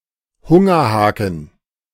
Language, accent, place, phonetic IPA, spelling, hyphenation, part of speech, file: German, Germany, Berlin, [ˈhʊŋɐˌhaːkŋ̩], Hungerhaken, Hun‧ger‧ha‧ken, noun, De-Hungerhaken.ogg
- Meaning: beanpole (weak and extremely thin person)